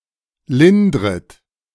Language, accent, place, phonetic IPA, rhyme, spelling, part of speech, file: German, Germany, Berlin, [ˈlɪndʁət], -ɪndʁət, lindret, verb, De-lindret.ogg
- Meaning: second-person plural subjunctive I of lindern